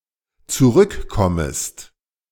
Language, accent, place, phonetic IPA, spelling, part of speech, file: German, Germany, Berlin, [t͡suˈʁʏkˌkɔməst], zurückkommest, verb, De-zurückkommest.ogg
- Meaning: second-person singular dependent subjunctive I of zurückkommen